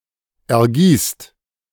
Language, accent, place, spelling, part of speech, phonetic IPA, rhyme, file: German, Germany, Berlin, ergießt, verb, [ɛɐ̯ˈɡiːst], -iːst, De-ergießt.ogg
- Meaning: inflection of ergießen: 1. second-person plural present 2. plural imperative